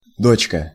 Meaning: 1. diminutive of дочь (dočʹ): (little) daughter 2. girl, honey (term of address for a young woman) 3. subsidiary, daughter company
- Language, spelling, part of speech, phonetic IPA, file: Russian, дочка, noun, [ˈdot͡ɕkə], Ru-дочка.ogg